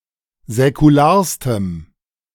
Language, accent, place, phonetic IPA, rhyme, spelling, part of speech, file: German, Germany, Berlin, [zɛkuˈlaːɐ̯stəm], -aːɐ̯stəm, säkularstem, adjective, De-säkularstem.ogg
- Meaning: strong dative masculine/neuter singular superlative degree of säkular